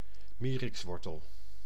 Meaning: 1. the root of the horseradish, harvested as a pungent condiment and formerly a remedy for scorbut 2. synonym of mierik (“horseradish plant”)
- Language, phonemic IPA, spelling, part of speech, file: Dutch, /ˈmi.rɪksˌʋɔr.təl/, mierikswortel, noun, Nl-mierikswortel.ogg